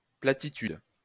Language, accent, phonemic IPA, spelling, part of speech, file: French, France, /pla.ti.tyd/, platitude, noun, LL-Q150 (fra)-platitude.wav
- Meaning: 1. flatness 2. blandness, triteness, unoriginality 3. platitude, banality